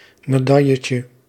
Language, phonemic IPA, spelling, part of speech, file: Dutch, /meˈdɑjəcə/, medailletje, noun, Nl-medailletje.ogg
- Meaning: diminutive of medaille